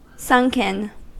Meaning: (verb) past participle of sink; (adjective) Caused, by natural or unnatural means, to be depressed (lower than the surrounding area) or submerged
- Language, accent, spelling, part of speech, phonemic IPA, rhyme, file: English, US, sunken, verb / adjective, /ˈsʌŋkən/, -ʌŋkən, En-us-sunken.ogg